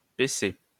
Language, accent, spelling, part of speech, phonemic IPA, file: French, France, PC, proper noun, /pe.se/, LL-Q150 (fra)-PC.wav
- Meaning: 1. CP initialism of Presse canadienne (Canadian Press) 2. CP initialism of Physique-Chimie (Engineering stream)